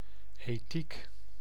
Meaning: ethics, (study of) principles governing right and wrong conduct
- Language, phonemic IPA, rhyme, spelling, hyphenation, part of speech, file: Dutch, /eːˈtik/, -ik, ethiek, ethiek, noun, Nl-ethiek.ogg